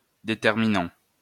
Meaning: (verb) present participle of déterminer; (adjective) determining, decisive, deciding; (noun) 1. determiner 2. determinant
- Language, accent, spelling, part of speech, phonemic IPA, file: French, France, déterminant, verb / adjective / noun, /de.tɛʁ.mi.nɑ̃/, LL-Q150 (fra)-déterminant.wav